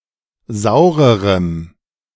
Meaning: strong dative masculine/neuter singular comparative degree of sauer
- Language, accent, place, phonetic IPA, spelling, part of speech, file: German, Germany, Berlin, [ˈzaʊ̯ʁəʁəm], saurerem, adjective, De-saurerem.ogg